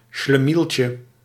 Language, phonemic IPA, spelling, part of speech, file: Dutch, /ʃləˈmilcə/, schlemieltje, noun, Nl-schlemieltje.ogg
- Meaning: diminutive of schlemiel